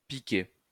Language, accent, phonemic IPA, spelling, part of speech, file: French, France, /pi.ke/, piqué, verb / noun, LL-Q150 (fra)-piqué.wav
- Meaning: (verb) past participle of piquer; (noun) 1. dive (of an airplane) 2. two fabrics stitched together to make a pattern, or a single fabric imitating this effect